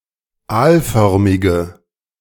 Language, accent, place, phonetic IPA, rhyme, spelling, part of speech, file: German, Germany, Berlin, [ˈaːlˌfœʁmɪɡə], -aːlfœʁmɪɡə, aalförmige, adjective, De-aalförmige.ogg
- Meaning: inflection of aalförmig: 1. strong/mixed nominative/accusative feminine singular 2. strong nominative/accusative plural 3. weak nominative all-gender singular